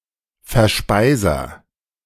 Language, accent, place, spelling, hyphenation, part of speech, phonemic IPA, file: German, Germany, Berlin, Verspeiser, Ver‧spei‧ser, noun, /fɛɐ̯ˈʃpaɪ̯zɐ/, De-Verspeiser.ogg
- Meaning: 1. agent noun of verspeisen 2. agent noun of verspeisen: Someone who eats something up